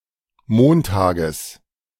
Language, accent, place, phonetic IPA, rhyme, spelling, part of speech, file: German, Germany, Berlin, [ˈmoːntaːɡəs], -oːntaːɡəs, Montages, noun, De-Montages.ogg
- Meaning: genitive singular of Montag